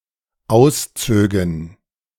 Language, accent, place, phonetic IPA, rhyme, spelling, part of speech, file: German, Germany, Berlin, [ˈaʊ̯sˌt͡søːɡn̩], -aʊ̯st͡søːɡn̩, auszögen, verb, De-auszögen.ogg
- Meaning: first/third-person plural dependent subjunctive II of ausziehen